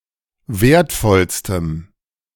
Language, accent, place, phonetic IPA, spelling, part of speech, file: German, Germany, Berlin, [ˈveːɐ̯tˌfɔlstəm], wertvollstem, adjective, De-wertvollstem.ogg
- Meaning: strong dative masculine/neuter singular superlative degree of wertvoll